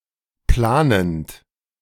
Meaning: present participle of planen
- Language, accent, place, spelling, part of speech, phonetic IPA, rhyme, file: German, Germany, Berlin, planend, verb, [ˈplaːnənt], -aːnənt, De-planend.ogg